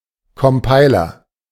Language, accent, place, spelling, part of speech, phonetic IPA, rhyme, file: German, Germany, Berlin, Compiler, noun, [kɔmˈpaɪ̯lɐ], -aɪ̯lɐ, De-Compiler.ogg
- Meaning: A compiler, computer program to translate between machine code and a readable program